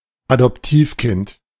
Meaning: adopted child
- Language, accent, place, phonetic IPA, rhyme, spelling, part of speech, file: German, Germany, Berlin, [adɔpˈtiːfˌkɪnt], -iːfkɪnt, Adoptivkind, noun, De-Adoptivkind.ogg